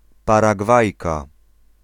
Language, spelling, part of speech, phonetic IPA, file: Polish, Paragwajka, noun, [ˌparaˈɡvajka], Pl-Paragwajka.ogg